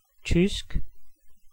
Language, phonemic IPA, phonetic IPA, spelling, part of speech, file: Danish, /tysk/, [ˈtˢysɡ̊], tysk, adjective / noun, Da-tysk.ogg
- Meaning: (adjective) German (relating to the country, people or language of Germany); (noun) German (the language)